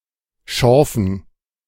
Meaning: dative plural of Schorf
- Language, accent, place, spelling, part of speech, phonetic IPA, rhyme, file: German, Germany, Berlin, Schorfen, noun, [ˈʃɔʁfn̩], -ɔʁfn̩, De-Schorfen.ogg